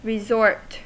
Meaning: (noun) A place where people go for recreation, especially one with facilities such as lodgings, entertainment, and a relaxing environment
- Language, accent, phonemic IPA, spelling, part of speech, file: English, US, /ɹɪˈzɔɹt/, resort, noun / verb, En-us-resort.ogg